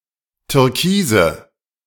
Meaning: nominative/accusative/genitive plural of Türkis
- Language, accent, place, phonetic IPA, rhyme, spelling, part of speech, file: German, Germany, Berlin, [tʏʁˈkiːzə], -iːzə, Türkise, noun, De-Türkise.ogg